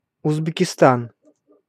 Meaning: Uzbekistan (a country in Central Asia)
- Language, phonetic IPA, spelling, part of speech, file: Russian, [ʊzbʲɪkʲɪˈstan], Узбекистан, proper noun, Ru-Узбекистан.ogg